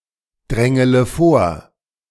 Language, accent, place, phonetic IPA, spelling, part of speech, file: German, Germany, Berlin, [ˌdʁɛŋələ ˈfoːɐ̯], drängele vor, verb, De-drängele vor.ogg
- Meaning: inflection of vordrängeln: 1. first-person singular present 2. first-person plural subjunctive I 3. third-person singular subjunctive I 4. singular imperative